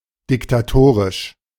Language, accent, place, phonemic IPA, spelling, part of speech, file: German, Germany, Berlin, /dɪktaˈtoːʁɪʃ/, diktatorisch, adjective, De-diktatorisch.ogg
- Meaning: dictatorial